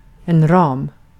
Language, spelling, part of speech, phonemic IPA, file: Swedish, ram, noun, /rɑːm/, Sv-ram.ogg
- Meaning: 1. frame (e.g. around a painting) 2. frame, boundaries (the set of options for actions given) 3. frame (a context for understanding) 4. bicycle frame 5. a front paw of a bear 6. a large hand